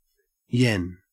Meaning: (noun) 1. The unit of Japanese currency (symbol: ¥) since 1871, divided into 100 sen 2. A coin or note worth one yen 3. A strong desire, urge, or yearning; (verb) To have a strong desire for
- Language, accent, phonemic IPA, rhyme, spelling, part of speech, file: English, Australia, /jɛn/, -ɛn, yen, noun / verb, En-au-yen.ogg